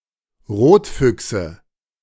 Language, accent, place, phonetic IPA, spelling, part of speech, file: German, Germany, Berlin, [ˈʁoːtˌfʏksə], Rotfüchse, noun, De-Rotfüchse.ogg
- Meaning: nominative/accusative/genitive plural of Rotfuchs